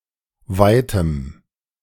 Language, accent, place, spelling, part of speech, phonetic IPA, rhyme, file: German, Germany, Berlin, weitem, adjective, [ˈvaɪ̯təm], -aɪ̯təm, De-weitem.ogg
- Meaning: strong dative masculine/neuter singular of weit